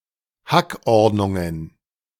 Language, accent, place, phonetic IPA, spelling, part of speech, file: German, Germany, Berlin, [ˈhakˌʔɔʁdnʊŋən], Hackordnungen, noun, De-Hackordnungen.ogg
- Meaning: plural of Hackordnung